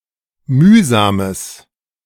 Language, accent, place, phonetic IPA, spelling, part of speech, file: German, Germany, Berlin, [ˈmyːzaːməs], mühsames, adjective, De-mühsames.ogg
- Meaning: strong/mixed nominative/accusative neuter singular of mühsam